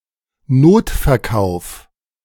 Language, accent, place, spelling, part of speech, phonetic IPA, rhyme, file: German, Germany, Berlin, Notverkauf, noun, [ˈnoːtfɛɐ̯ˌkaʊ̯f], -oːtfɛɐ̯kaʊ̯f, De-Notverkauf.ogg
- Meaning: bailout